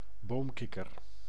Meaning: 1. tree frog, any frog of the family Hylidae 2. European tree frog (Hyla arborea), as an individual or as a species
- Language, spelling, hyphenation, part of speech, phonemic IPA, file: Dutch, boomkikker, boom‧kik‧ker, noun, /ˈboːmˌkɪ.kər/, Nl-boomkikker.ogg